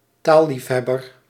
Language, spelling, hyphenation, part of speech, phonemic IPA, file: Dutch, taalliefhebber, taal‧lief‧heb‧ber, noun, /ˈtaː(l).lifˌɦɛ.bər/, Nl-taalliefhebber.ogg
- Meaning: a linguaphile